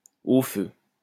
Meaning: fire! (A cry of distress indicating that something is on fire)
- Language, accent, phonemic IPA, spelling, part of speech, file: French, France, /o fø/, au feu, interjection, LL-Q150 (fra)-au feu.wav